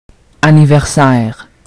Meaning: 1. birthday 2. anniversary
- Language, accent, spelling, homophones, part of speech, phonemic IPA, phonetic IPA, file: French, Quebec, anniversaire, anniversaires, noun, /a.ni.vɛʁ.sɛʁ/, [a.ni.vɛʁ.saɛ̯ʁ], Qc-anniversaire.ogg